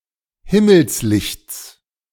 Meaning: genitive singular of Himmelslicht
- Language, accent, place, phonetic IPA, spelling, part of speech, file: German, Germany, Berlin, [ˈhɪməlsˌlɪçt͡s], Himmelslichts, noun, De-Himmelslichts.ogg